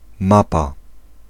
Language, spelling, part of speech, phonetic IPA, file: Polish, mapa, noun, [ˈmapa], Pl-mapa.ogg